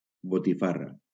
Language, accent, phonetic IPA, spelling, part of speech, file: Catalan, Valencia, [bo.tiˈfa.ra], botifarra, noun, LL-Q7026 (cat)-botifarra.wav
- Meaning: 1. botifarra (spiced sausage) 2. a Catalan card game 3. a Catalan hand gesture indicating disapproval